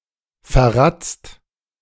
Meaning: hopeless
- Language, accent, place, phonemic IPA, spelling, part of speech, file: German, Germany, Berlin, /fɛɐ̯ˈʁat͡st/, verratzt, adjective, De-verratzt.ogg